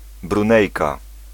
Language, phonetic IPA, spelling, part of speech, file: Polish, [brũˈnɛjka], Brunejka, noun, Pl-Brunejka.ogg